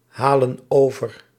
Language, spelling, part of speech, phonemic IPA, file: Dutch, halen over, verb, /ˈhalə(n) ˈovər/, Nl-halen over.ogg
- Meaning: inflection of overhalen: 1. plural present indicative 2. plural present subjunctive